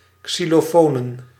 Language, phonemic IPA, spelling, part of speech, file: Dutch, /ksiloˈfonə/, xylofonen, noun, Nl-xylofonen.ogg
- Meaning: plural of xylofoon